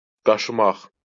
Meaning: 1. to scratch (in order to remove itching) 2. to scrape, to scrub
- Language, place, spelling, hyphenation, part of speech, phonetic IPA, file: Azerbaijani, Baku, qaşımaq, qa‧şı‧maq, verb, [ɡɑʃɯˈmɑχ], LL-Q9292 (aze)-qaşımaq.wav